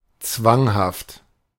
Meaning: compulsive
- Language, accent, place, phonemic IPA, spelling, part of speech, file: German, Germany, Berlin, /ˈt͡svaŋhaft/, zwanghaft, adjective, De-zwanghaft.ogg